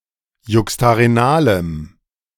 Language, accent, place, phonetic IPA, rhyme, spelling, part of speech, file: German, Germany, Berlin, [ˌjʊkstaʁeˈnaːləm], -aːləm, juxtarenalem, adjective, De-juxtarenalem.ogg
- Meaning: strong dative masculine/neuter singular of juxtarenal